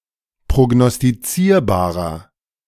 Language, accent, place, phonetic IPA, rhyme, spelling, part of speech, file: German, Germany, Berlin, [pʁoɡnɔstiˈt͡siːɐ̯baːʁɐ], -iːɐ̯baːʁɐ, prognostizierbarer, adjective, De-prognostizierbarer.ogg
- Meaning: inflection of prognostizierbar: 1. strong/mixed nominative masculine singular 2. strong genitive/dative feminine singular 3. strong genitive plural